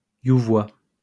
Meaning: thug, hooligan
- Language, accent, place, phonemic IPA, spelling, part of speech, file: French, France, Lyon, /ju.vwa/, youvoi, noun, LL-Q150 (fra)-youvoi.wav